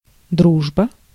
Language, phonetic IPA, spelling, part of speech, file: Russian, [ˈdruʐbə], дружба, noun, Ru-дружба.ogg
- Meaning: friendship (condition of being friends)